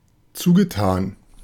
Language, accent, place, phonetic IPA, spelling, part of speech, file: German, Germany, Berlin, [ˈt͡suːɡəˌtaːn], zugetan, verb / adjective, De-zugetan.ogg
- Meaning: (verb) past participle of zutun; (adjective) affectionate